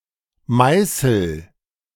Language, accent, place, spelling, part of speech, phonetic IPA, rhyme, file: German, Germany, Berlin, meißel, verb, [ˈmaɪ̯sl̩], -aɪ̯sl̩, De-meißel.ogg
- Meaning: inflection of meißeln: 1. first-person singular present 2. singular imperative